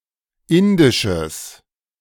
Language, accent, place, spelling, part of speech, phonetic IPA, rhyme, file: German, Germany, Berlin, indisches, adjective, [ˈɪndɪʃəs], -ɪndɪʃəs, De-indisches.ogg
- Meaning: strong/mixed nominative/accusative neuter singular of indisch